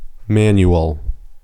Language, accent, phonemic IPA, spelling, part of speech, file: English, US, /ˈmæn.j(u)əl/, manual, noun / adjective, En-us-manual.ogg
- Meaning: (noun) 1. Synonym of handbook 2. A booklet that instructs on the usage of a particular machine or product 3. A drill in the use of weapons, etc